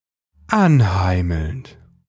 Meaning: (verb) present participle of anheimeln; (adjective) cozy, homely
- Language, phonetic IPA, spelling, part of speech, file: German, [ˈanˌhaɪ̯ml̩nt], anheimelnd, adjective / verb, De-anheimelnd.ogg